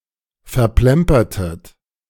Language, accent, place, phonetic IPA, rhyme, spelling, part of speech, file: German, Germany, Berlin, [fɛɐ̯ˈplɛmpɐtət], -ɛmpɐtət, verplempertet, verb, De-verplempertet.ogg
- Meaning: inflection of verplempern: 1. second-person plural preterite 2. second-person plural subjunctive II